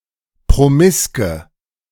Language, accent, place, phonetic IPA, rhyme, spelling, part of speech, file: German, Germany, Berlin, [pʁoˈmɪskə], -ɪskə, promiske, adjective, De-promiske.ogg
- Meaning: inflection of promisk: 1. strong/mixed nominative/accusative feminine singular 2. strong nominative/accusative plural 3. weak nominative all-gender singular 4. weak accusative feminine/neuter singular